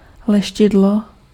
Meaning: polish (wax)
- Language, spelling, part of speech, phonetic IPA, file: Czech, leštidlo, noun, [ˈlɛʃcɪdlo], Cs-leštidlo.ogg